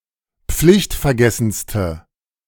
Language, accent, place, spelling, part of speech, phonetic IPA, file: German, Germany, Berlin, pflichtvergessenste, adjective, [ˈp͡flɪçtfɛɐ̯ˌɡɛsn̩stə], De-pflichtvergessenste.ogg
- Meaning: inflection of pflichtvergessen: 1. strong/mixed nominative/accusative feminine singular superlative degree 2. strong nominative/accusative plural superlative degree